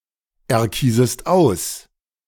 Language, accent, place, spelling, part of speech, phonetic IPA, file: German, Germany, Berlin, erkiesest aus, verb, [ɛɐ̯ˌkiːzəst ˈaʊ̯s], De-erkiesest aus.ogg
- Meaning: second-person singular subjunctive I of auserkiesen